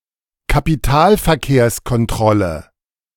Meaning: capital control
- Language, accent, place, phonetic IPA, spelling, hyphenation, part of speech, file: German, Germany, Berlin, [kapiˈtaːlfɛɐ̯keːɐ̯skɔnˌtʁɔlə], Kapitalverkehrskontrolle, Ka‧pi‧tal‧ver‧kehrs‧kon‧trol‧le, noun, De-Kapitalverkehrskontrolle.ogg